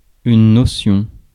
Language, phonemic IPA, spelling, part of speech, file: French, /nɔ.sjɔ̃/, notion, noun, Fr-notion.ogg
- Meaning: 1. notion 2. an elementary treatise